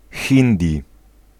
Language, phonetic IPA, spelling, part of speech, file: Polish, [ˈxʲĩndʲi], hindi, noun, Pl-hindi.ogg